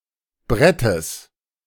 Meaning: genitive singular of Brett
- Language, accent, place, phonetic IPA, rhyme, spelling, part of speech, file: German, Germany, Berlin, [ˈbʁɛtəs], -ɛtəs, Brettes, noun, De-Brettes.ogg